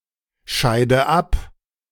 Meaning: inflection of abscheiden: 1. first-person singular present 2. first/third-person singular subjunctive I 3. singular imperative
- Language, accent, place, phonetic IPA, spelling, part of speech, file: German, Germany, Berlin, [ˌʃaɪ̯də ˈap], scheide ab, verb, De-scheide ab.ogg